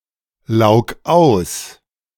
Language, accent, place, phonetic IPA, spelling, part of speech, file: German, Germany, Berlin, [ˌlaʊ̯k ˈaʊ̯s], laug aus, verb, De-laug aus.ogg
- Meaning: 1. singular imperative of auslaugen 2. first-person singular present of auslaugen